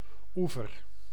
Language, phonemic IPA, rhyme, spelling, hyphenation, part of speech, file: Dutch, /ˈuvər/, -uvər, oever, oe‧ver, noun, Nl-oever.ogg
- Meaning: bank (as in riverbank), shore (e.g. of a lake)